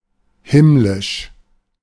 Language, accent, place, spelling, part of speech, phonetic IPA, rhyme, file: German, Germany, Berlin, himmlisch, adjective, [ˈhɪm.lɪʃ], -ɪʃ, De-himmlisch.ogg
- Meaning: 1. celestial, heavenly 2. divine